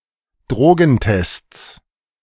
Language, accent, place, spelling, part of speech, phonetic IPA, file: German, Germany, Berlin, Drogentests, noun, [ˈdʁoːɡn̩ˌtɛst͡s], De-Drogentests.ogg
- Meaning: 1. genitive singular of Drogentest 2. plural of Drogentest